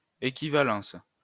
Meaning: equivalence
- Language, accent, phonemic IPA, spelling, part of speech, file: French, France, /e.ki.va.lɑ̃s/, équivalence, noun, LL-Q150 (fra)-équivalence.wav